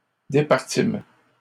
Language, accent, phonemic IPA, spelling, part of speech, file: French, Canada, /de.paʁ.tim/, départîmes, verb, LL-Q150 (fra)-départîmes.wav
- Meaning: first-person plural past historic of départir